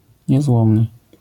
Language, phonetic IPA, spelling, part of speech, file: Polish, [ɲɛˈzwɔ̃mnɨ], niezłomny, adjective, LL-Q809 (pol)-niezłomny.wav